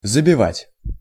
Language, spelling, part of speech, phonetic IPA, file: Russian, забивать, verb, [zəbʲɪˈvatʲ], Ru-забивать.ogg
- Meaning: 1. to drive in (nail), to hammer in, to nail up 2. to score (a goal) 3. to beat up 4. to slaughter 5. to block up, to stop up, to cram, to obstruct 6. to outdo, to surpass